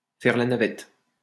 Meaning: to commute, to shuttle (to go back and forth between two places)
- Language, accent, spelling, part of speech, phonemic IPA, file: French, France, faire la navette, verb, /fɛʁ la na.vɛt/, LL-Q150 (fra)-faire la navette.wav